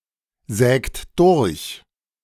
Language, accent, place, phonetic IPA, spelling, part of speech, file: German, Germany, Berlin, [ˌzɛːkt ˈdʊʁç], sägt durch, verb, De-sägt durch.ogg
- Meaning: inflection of durchsägen: 1. second-person plural present 2. third-person singular present 3. plural imperative